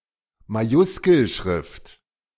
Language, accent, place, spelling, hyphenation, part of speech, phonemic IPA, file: German, Germany, Berlin, Majuskelschrift, Ma‧jus‧kel‧schrift, noun, /maˈjʊskl̩ˌʃʁɪft/, De-Majuskelschrift.ogg
- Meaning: majuscule script